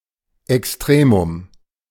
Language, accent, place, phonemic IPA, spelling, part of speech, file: German, Germany, Berlin, /ɛksˈtʁeːmʊm/, Extremum, noun, De-Extremum.ogg
- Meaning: extremum